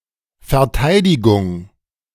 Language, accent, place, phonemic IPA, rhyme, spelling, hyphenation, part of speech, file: German, Germany, Berlin, /fɛɐ̯ˈtaɪ̯dɪɡʊŋ/, -aɪ̯dɪɡʊŋ, Verteidigung, Ver‧tei‧di‧gung, noun, De-Verteidigung.ogg
- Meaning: defence